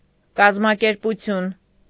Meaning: organization
- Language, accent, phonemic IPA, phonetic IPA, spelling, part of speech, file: Armenian, Eastern Armenian, /kɑzmɑkeɾpuˈtʰjun/, [kɑzmɑkeɾput͡sʰjún], կազմակերպություն, noun, Hy-կազմակերպություն.ogg